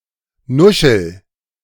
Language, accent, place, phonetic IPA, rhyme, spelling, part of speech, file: German, Germany, Berlin, [ˈnʊʃl̩], -ʊʃl̩, nuschel, verb, De-nuschel.ogg
- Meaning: inflection of nuscheln: 1. first-person singular present 2. singular imperative